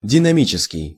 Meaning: dynamic
- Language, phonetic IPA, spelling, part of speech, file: Russian, [dʲɪnɐˈmʲit͡ɕɪskʲɪj], динамический, adjective, Ru-динамический.ogg